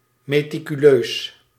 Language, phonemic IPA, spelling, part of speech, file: Dutch, /meː.ti.kyˈløːs/, meticuleus, adjective, Nl-meticuleus.ogg
- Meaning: meticulous